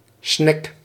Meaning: drakkar, Viking longship
- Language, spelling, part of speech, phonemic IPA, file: Dutch, snek, noun, /snɛk/, Nl-snek.ogg